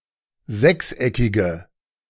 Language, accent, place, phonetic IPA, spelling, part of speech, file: German, Germany, Berlin, [ˈzɛksˌʔɛkɪɡə], sechseckige, adjective, De-sechseckige.ogg
- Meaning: inflection of sechseckig: 1. strong/mixed nominative/accusative feminine singular 2. strong nominative/accusative plural 3. weak nominative all-gender singular